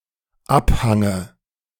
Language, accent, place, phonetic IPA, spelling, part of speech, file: German, Germany, Berlin, [ˈapˌhaŋə], Abhange, noun, De-Abhange.ogg
- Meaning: dative singular of Abhang